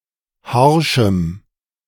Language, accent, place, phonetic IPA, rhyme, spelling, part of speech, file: German, Germany, Berlin, [ˈhaʁʃm̩], -aʁʃm̩, harschem, adjective, De-harschem.ogg
- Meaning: strong dative masculine/neuter singular of harsch